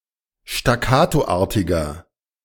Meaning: 1. comparative degree of staccatoartig 2. inflection of staccatoartig: strong/mixed nominative masculine singular 3. inflection of staccatoartig: strong genitive/dative feminine singular
- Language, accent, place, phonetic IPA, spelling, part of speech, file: German, Germany, Berlin, [ʃtaˈkaːtoˌʔaːɐ̯tɪɡɐ], staccatoartiger, adjective, De-staccatoartiger.ogg